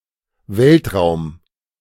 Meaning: space (area beyond the atmosphere of planets)
- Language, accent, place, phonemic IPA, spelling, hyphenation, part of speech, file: German, Germany, Berlin, /ˈvɛltˌʁaʊ̯m/, Weltraum, Welt‧raum, noun, De-Weltraum.ogg